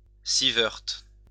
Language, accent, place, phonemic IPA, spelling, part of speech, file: French, France, Lyon, /si.vɛʁt/, sievert, noun, LL-Q150 (fra)-sievert.wav
- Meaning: sievert